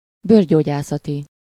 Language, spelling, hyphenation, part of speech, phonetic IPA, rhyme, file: Hungarian, bőrgyógyászati, bőr‧gyó‧gyá‧sza‧ti, adjective, [ˈbøːrɟoːɟaːsɒti], -ti, Hu-bőrgyógyászati.oga
- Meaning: dermatological (of or relating to dermatology)